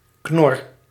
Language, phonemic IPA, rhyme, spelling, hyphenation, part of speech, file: Dutch, /knɔr/, -ɔr, knor, knor, noun, Nl-knor.ogg
- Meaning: 1. a grunt by a pig 2. a grumble by a stomach 3. a university student who doesn't belong to a student society (rarely used except by members of student societies)